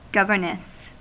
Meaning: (noun) 1. A woman paid to educate children in their own home 2. A female governor 3. The wife of a governor; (verb) To work as governess; to educate children in their own home
- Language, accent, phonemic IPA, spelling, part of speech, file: English, US, /ˈɡʌvɚnəs/, governess, noun / verb, En-us-governess.ogg